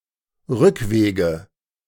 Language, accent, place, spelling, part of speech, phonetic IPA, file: German, Germany, Berlin, Rückwege, noun, [ˈʁʏkˌveːɡə], De-Rückwege.ogg
- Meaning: 1. nominative/accusative/genitive plural of Rückweg 2. dative singular of Rückweg